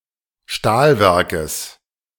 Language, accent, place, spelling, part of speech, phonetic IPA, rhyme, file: German, Germany, Berlin, Stahlwerkes, noun, [ˈʃtaːlˌvɛʁkəs], -aːlvɛʁkəs, De-Stahlwerkes.ogg
- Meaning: genitive singular of Stahlwerk